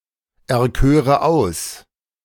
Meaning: first/third-person singular subjunctive II of auserkiesen
- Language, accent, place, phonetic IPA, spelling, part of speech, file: German, Germany, Berlin, [ɛɐ̯ˌkøːʁə ˈaʊ̯s], erköre aus, verb, De-erköre aus.ogg